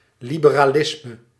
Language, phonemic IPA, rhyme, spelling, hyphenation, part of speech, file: Dutch, /ˌli.bə.raːˈlɪs.mə/, -ɪsmə, liberalisme, li‧be‧ra‧lis‧me, noun, Nl-liberalisme.ogg
- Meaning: liberalism (political ideology that prioritises relatively limited constitutional representative government, personal freedom and a degree of economic non-intervention)